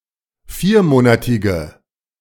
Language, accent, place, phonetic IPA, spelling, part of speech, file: German, Germany, Berlin, [ˈfiːɐ̯ˌmoːnatɪɡə], viermonatige, adjective, De-viermonatige.ogg
- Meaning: inflection of viermonatig: 1. strong/mixed nominative/accusative feminine singular 2. strong nominative/accusative plural 3. weak nominative all-gender singular